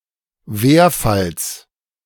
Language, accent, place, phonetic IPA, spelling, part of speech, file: German, Germany, Berlin, [ˈveːɐ̯fals], Werfalls, noun, De-Werfalls.ogg
- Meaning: genitive singular of Werfall